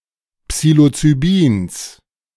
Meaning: genitive singular of Psilocybin
- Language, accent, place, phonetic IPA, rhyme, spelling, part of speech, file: German, Germany, Berlin, [ˌpsiːlot͡syˈbiːns], -iːns, Psilocybins, noun, De-Psilocybins.ogg